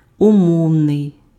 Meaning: conditional
- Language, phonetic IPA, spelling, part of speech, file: Ukrainian, [ʊˈmɔu̯nei̯], умовний, adjective, Uk-умовний.ogg